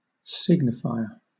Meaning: Something or someone that signifies, makes something more significant or important
- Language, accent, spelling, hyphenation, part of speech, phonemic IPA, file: English, Southern England, signifier, sig‧ni‧fi‧er, noun, /ˈsɪɡnɪfaɪə/, LL-Q1860 (eng)-signifier.wav